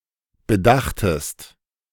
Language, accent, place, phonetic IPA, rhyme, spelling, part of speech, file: German, Germany, Berlin, [bəˈdaxtəst], -axtəst, bedachtest, verb, De-bedachtest.ogg
- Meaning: second-person singular preterite of bedenken